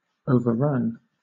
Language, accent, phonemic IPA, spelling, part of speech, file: English, Southern England, /ˌəʊ.vəˈɹʌn/, overrun, verb, LL-Q1860 (eng)-overrun.wav
- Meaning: 1. To defeat an enemy and invade in great numbers, seizing the enemy positions conclusively 2. To infest, swarm over, flow over 3. To run past; to run beyond